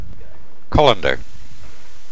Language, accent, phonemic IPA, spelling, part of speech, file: English, UK, /ˈkɒləndə(ɹ)/, colander, noun, En-uk-colander.ogg
- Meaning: A bowl-shaped kitchen utensil with holes in it used for draining food that has been cooking in water, such as pasta